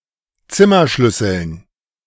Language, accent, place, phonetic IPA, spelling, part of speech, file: German, Germany, Berlin, [ˈt͡sɪmɐˌʃlʏsl̩n], Zimmerschlüsseln, noun, De-Zimmerschlüsseln.ogg
- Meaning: dative plural of Zimmerschlüssel